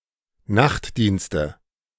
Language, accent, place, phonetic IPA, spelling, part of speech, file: German, Germany, Berlin, [ˈnaxtˌdiːnstə], Nachtdienste, noun, De-Nachtdienste.ogg
- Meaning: nominative/accusative/genitive plural of Nachtdienst